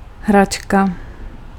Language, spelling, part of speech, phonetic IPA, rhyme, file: Czech, hračka, noun, [ˈɦrat͡ʃka], -atʃka, Cs-hračka.ogg
- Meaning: 1. toy, plaything 2. piece of cake, breeze (easy job)